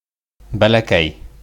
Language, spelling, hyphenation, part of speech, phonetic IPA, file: Bashkir, бәләкәй, бә‧лә‧кәй, adjective, [bæ.læˈkæj], Ba-бәләкәй.ogg
- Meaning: small, little